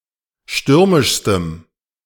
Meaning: strong dative masculine/neuter singular superlative degree of stürmisch
- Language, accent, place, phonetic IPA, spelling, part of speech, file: German, Germany, Berlin, [ˈʃtʏʁmɪʃstəm], stürmischstem, adjective, De-stürmischstem.ogg